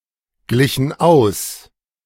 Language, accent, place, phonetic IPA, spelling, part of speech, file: German, Germany, Berlin, [ˌɡlɪçn̩ ˈaʊ̯s], glichen aus, verb, De-glichen aus.ogg
- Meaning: inflection of ausgleichen: 1. first/third-person plural preterite 2. first/third-person plural subjunctive II